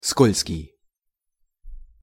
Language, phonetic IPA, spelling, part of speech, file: Russian, [ˈskolʲskʲɪj], скользкий, adjective, Ru-скользкий.ogg
- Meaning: 1. slippery, dangerous (of a surface) 2. slimy